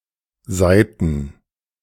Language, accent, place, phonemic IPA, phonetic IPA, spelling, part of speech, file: German, Germany, Berlin, /ˈzaɪ̯tən/, [ˈzaɪ̯ʔn̩], Seiten, noun, De-Seiten.ogg
- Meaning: plural of Seite "pages/sides"